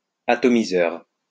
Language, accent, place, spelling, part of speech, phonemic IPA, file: French, France, Lyon, atomiseur, noun, /a.tɔ.mi.zœʁ/, LL-Q150 (fra)-atomiseur.wav
- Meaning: 1. atomizer / atomiser 2. spray, sprayer